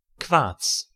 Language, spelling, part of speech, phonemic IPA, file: German, Quarz, noun, /kvaːrts/, De-Quarz.ogg
- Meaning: quartz